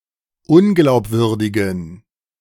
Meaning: inflection of unglaubwürdig: 1. strong genitive masculine/neuter singular 2. weak/mixed genitive/dative all-gender singular 3. strong/weak/mixed accusative masculine singular 4. strong dative plural
- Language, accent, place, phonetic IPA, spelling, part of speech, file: German, Germany, Berlin, [ˈʊnɡlaʊ̯pˌvʏʁdɪɡn̩], unglaubwürdigen, adjective, De-unglaubwürdigen.ogg